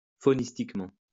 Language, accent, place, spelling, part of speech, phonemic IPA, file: French, France, Lyon, faunistiquement, adverb, /fo.nis.tik.mɑ̃/, LL-Q150 (fra)-faunistiquement.wav
- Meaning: faunally, faunistically